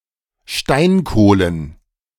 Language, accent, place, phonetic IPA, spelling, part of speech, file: German, Germany, Berlin, [ˈʃtaɪ̯nˌkoːlən], Steinkohlen, noun, De-Steinkohlen.ogg
- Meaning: plural of Steinkohle